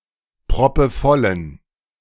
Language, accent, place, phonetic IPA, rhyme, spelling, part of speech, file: German, Germany, Berlin, [pʁɔpəˈfɔlən], -ɔlən, proppevollen, adjective, De-proppevollen.ogg
- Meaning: inflection of proppevoll: 1. strong genitive masculine/neuter singular 2. weak/mixed genitive/dative all-gender singular 3. strong/weak/mixed accusative masculine singular 4. strong dative plural